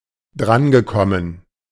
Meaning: past participle of drankommen
- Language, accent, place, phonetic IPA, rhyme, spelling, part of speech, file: German, Germany, Berlin, [ˈdʁanɡəˌkɔmən], -anɡəkɔmən, drangekommen, verb, De-drangekommen.ogg